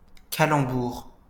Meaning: pun (joke or type of wordplay)
- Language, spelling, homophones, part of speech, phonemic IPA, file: French, calembour, calambour, noun, /ka.lɑ̃.buʁ/, LL-Q150 (fra)-calembour.wav